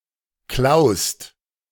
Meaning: second-person singular present of klauen
- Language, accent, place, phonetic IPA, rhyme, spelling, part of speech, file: German, Germany, Berlin, [klaʊ̯st], -aʊ̯st, klaust, verb, De-klaust.ogg